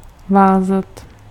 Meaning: 1. to tie 2. to bind
- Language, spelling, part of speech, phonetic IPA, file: Czech, vázat, verb, [ˈvaːzat], Cs-vázat.ogg